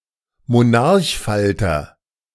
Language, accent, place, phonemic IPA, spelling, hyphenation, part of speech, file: German, Germany, Berlin, /moˈnaʁçˌfaltɐ/, Monarchfalter, Mo‧n‧arch‧fal‧ter, noun, De-Monarchfalter.ogg
- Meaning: monarch butterfly